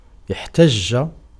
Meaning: 1. to argue 2. to protest, to raise objections 3. to use as an argument
- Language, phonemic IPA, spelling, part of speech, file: Arabic, /iħ.tad͡ʒ.d͡ʒa/, احتج, verb, Ar-احتج.ogg